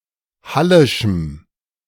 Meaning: strong dative masculine/neuter singular of hallisch
- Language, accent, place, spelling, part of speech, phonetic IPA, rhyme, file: German, Germany, Berlin, hallischem, adjective, [ˈhalɪʃm̩], -alɪʃm̩, De-hallischem.ogg